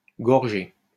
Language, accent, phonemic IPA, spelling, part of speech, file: French, France, /ɡɔʁ.ʒe/, gorgé, verb, LL-Q150 (fra)-gorgé.wav
- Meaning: past participle of gorger